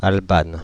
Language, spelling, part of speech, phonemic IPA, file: French, Albane, proper noun, /al.ban/, Fr-Albane.ogg
- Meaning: a female given name, masculine equivalent Alban